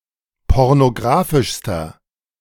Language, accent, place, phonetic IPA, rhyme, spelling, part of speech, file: German, Germany, Berlin, [ˌpɔʁnoˈɡʁaːfɪʃstɐ], -aːfɪʃstɐ, pornographischster, adjective, De-pornographischster.ogg
- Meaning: inflection of pornographisch: 1. strong/mixed nominative masculine singular superlative degree 2. strong genitive/dative feminine singular superlative degree